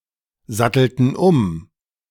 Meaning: inflection of umsatteln: 1. first/third-person plural preterite 2. first/third-person plural subjunctive II
- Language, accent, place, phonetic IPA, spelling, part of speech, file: German, Germany, Berlin, [ˌzatl̩tn̩ ˈʊm], sattelten um, verb, De-sattelten um.ogg